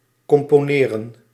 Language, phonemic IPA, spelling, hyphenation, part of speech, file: Dutch, /kɔmpoːˈneːrə(n)/, componeren, com‧po‧ne‧ren, verb, Nl-componeren.ogg
- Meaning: to compose